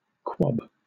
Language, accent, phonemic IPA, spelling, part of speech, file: English, Southern England, /kwɒb/, quob, verb / noun, LL-Q1860 (eng)-quob.wav
- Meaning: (verb) To throb; to quiver; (noun) 1. A marshy spot; bog, quagmire; quicksand 2. A heap or mess; a bad condition 3. An unfirm layer of fat 4. A throb or palpitation